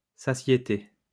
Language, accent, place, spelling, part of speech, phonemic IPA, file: French, France, Lyon, satiété, noun, /sa.sje.te/, LL-Q150 (fra)-satiété.wav
- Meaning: satiety, fullness, repletion